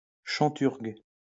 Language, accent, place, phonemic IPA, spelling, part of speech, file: French, France, Lyon, /ʃɑ̃.tyʁɡ/, chanturgue, noun, LL-Q150 (fra)-chanturgue.wav
- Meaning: a red wine from the Auvergne